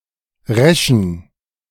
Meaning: inflection of resch: 1. strong genitive masculine/neuter singular 2. weak/mixed genitive/dative all-gender singular 3. strong/weak/mixed accusative masculine singular 4. strong dative plural
- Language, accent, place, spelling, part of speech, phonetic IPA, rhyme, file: German, Germany, Berlin, reschen, adjective, [ˈʁɛʃn̩], -ɛʃn̩, De-reschen.ogg